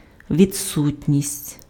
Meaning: absence, lack
- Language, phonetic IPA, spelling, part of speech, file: Ukrainian, [ʋʲid͡zˈsutʲnʲisʲtʲ], відсутність, noun, Uk-відсутність.ogg